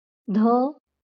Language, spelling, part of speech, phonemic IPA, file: Marathi, ध, character, /d̪ʱə/, LL-Q1571 (mar)-ध.wav
- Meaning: The eighteenth consonant in Marathi